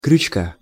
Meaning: genitive singular of крючо́к (krjučók)
- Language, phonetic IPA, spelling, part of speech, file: Russian, [krʲʉt͡ɕˈka], крючка, noun, Ru-крючка.ogg